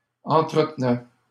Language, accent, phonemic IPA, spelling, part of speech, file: French, Canada, /ɑ̃.tʁə.t(ə).nɛ/, entretenaient, verb, LL-Q150 (fra)-entretenaient.wav
- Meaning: third-person plural imperfect indicative of entretenir